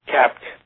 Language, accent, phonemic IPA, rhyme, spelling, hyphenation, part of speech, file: English, US, /kæpt/, -æpt, capped, capped, adjective / verb, En-us-capped.ogg
- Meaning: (adjective) Having a cap (various senses); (verb) simple past and past participle of cap